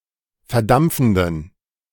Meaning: inflection of verdampfend: 1. strong genitive masculine/neuter singular 2. weak/mixed genitive/dative all-gender singular 3. strong/weak/mixed accusative masculine singular 4. strong dative plural
- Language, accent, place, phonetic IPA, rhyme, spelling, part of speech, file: German, Germany, Berlin, [fɛɐ̯ˈdamp͡fn̩dən], -amp͡fn̩dən, verdampfenden, adjective, De-verdampfenden.ogg